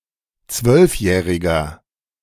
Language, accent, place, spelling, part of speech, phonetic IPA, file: German, Germany, Berlin, zwölfjähriger, adjective, [ˈt͡svœlfˌjɛːʁɪɡɐ], De-zwölfjähriger.ogg
- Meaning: inflection of zwölfjährig: 1. strong/mixed nominative masculine singular 2. strong genitive/dative feminine singular 3. strong genitive plural